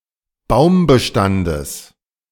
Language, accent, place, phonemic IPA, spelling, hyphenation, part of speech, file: German, Germany, Berlin, /ˈbaʊ̯mbəˌʃtandəs/, Baumbestandes, Baum‧be‧stan‧des, noun, De-Baumbestandes.ogg
- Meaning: genitive of Baumbestand